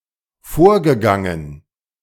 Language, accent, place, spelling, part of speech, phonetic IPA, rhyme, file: German, Germany, Berlin, vorgegangen, verb, [ˈfoːɐ̯ɡəˌɡaŋən], -oːɐ̯ɡəɡaŋən, De-vorgegangen.ogg
- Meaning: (verb) past participle of vorgehen; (adjective) 1. previous 2. preceding